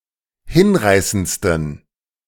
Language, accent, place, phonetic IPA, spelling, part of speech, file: German, Germany, Berlin, [ˈhɪnˌʁaɪ̯sənt͡stn̩], hinreißendsten, adjective, De-hinreißendsten.ogg
- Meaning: 1. superlative degree of hinreißend 2. inflection of hinreißend: strong genitive masculine/neuter singular superlative degree